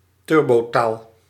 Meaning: a Dutch slang that extensively uses clippings, especially from the end of a word, the suffixes -o and -i, and loans from English
- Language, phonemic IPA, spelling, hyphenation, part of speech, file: Dutch, /ˈtʏr.boːˌtaːl/, turbotaal, tur‧bo‧taal, proper noun, Nl-turbotaal.ogg